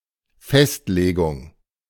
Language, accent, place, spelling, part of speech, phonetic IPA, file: German, Germany, Berlin, Festlegung, noun, [ˈfɛstˌleːɡʊŋ], De-Festlegung.ogg
- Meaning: fixing, determination